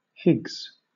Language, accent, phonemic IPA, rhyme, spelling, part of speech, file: English, Southern England, /hɪɡz/, -ɪɡz, Higgs, proper noun / adjective / noun / verb, LL-Q1860 (eng)-Higgs.wav
- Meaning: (proper noun) A surname originating as a patronymic; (adjective) pertaining to the Higgs mechanism/Higgs force; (noun) Ellipsis of Higgs boson, named for Peter Higgs